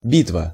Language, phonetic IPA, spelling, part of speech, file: Russian, [ˈbʲitvə], битва, noun, Ru-битва.ogg
- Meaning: battle, fight, combat